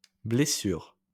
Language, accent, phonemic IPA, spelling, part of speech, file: French, France, /ble.syʁ/, blessures, noun, LL-Q150 (fra)-blessures.wav
- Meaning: plural of blessure